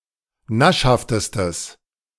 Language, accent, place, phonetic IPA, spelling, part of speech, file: German, Germany, Berlin, [ˈnaʃhaftəstəs], naschhaftestes, adjective, De-naschhaftestes.ogg
- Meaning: strong/mixed nominative/accusative neuter singular superlative degree of naschhaft